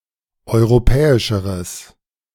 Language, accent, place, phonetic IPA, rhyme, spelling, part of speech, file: German, Germany, Berlin, [ˌɔɪ̯ʁoˈpɛːɪʃəʁəs], -ɛːɪʃəʁəs, europäischeres, adjective, De-europäischeres.ogg
- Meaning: strong/mixed nominative/accusative neuter singular comparative degree of europäisch